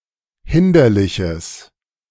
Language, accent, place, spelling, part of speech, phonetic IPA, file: German, Germany, Berlin, hinderliches, adjective, [ˈhɪndɐlɪçəs], De-hinderliches.ogg
- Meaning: strong/mixed nominative/accusative neuter singular of hinderlich